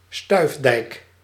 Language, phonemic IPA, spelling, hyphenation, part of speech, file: Dutch, /ˈstœy̯f.dɛi̯k/, stuifdijk, stuif‧dijk, noun, Nl-stuifdijk.ogg
- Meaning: a dike that is formed by placing a barrier, often made of wood or twigs, in a location where sand is blown by the wind, so that sand will accumulate in a way similar to the formation of dunes